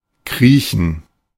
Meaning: to creep; to crawl
- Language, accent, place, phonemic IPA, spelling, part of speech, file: German, Germany, Berlin, /ˈkʁiːçən/, kriechen, verb, De-kriechen.ogg